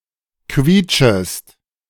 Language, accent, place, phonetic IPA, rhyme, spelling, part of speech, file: German, Germany, Berlin, [ˈkviːt͡ʃəst], -iːt͡ʃəst, quietschest, verb, De-quietschest.ogg
- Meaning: second-person singular subjunctive I of quietschen